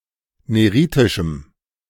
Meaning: strong dative masculine/neuter singular of neritisch
- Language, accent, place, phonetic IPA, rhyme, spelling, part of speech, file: German, Germany, Berlin, [ˌneˈʁiːtɪʃm̩], -iːtɪʃm̩, neritischem, adjective, De-neritischem.ogg